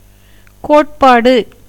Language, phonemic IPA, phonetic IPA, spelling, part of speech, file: Tamil, /koːʈpɑːɖɯ/, [koːʈpäːɖɯ], கோட்பாடு, noun, Ta-கோட்பாடு.ogg
- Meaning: theory